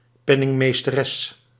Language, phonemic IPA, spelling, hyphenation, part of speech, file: Dutch, /ˈpɛ.nɪŋ.meːs.təˌrɛs/, penningmeesteres, pen‧ning‧mees‧te‧res, noun, Nl-penningmeesteres.ogg
- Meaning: female treasurer